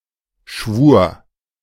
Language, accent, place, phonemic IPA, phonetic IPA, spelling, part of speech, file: German, Germany, Berlin, /ʃvuːr/, [ʃʋu(ː)ɐ̯], Schwur, noun, De-Schwur.ogg
- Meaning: oath